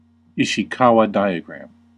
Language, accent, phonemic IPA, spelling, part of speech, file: English, US, /ˌɪ.ʃiˈkɑ.wɑ ˈdaɪ.ə.ɡɹæm/, Ishikawa diagram, noun, En-us-Ishikawa diagram.ogg
- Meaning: A diagram used in quality management to display a detailed list of causes and effects of a problem and thus to decipher the root cause of a problem